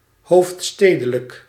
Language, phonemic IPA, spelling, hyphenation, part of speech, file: Dutch, /ˈɦoːftˌsteː.də.lək/, hoofdstedelijk, hoofd‧ste‧de‧lijk, adjective, Nl-hoofdstedelijk.ogg
- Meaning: of or relating to a capital city